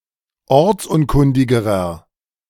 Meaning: inflection of ortsunkundig: 1. strong/mixed nominative masculine singular comparative degree 2. strong genitive/dative feminine singular comparative degree 3. strong genitive plural comparative degree
- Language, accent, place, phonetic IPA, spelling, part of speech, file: German, Germany, Berlin, [ˈɔʁt͡sˌʔʊnkʊndɪɡəʁɐ], ortsunkundigerer, adjective, De-ortsunkundigerer.ogg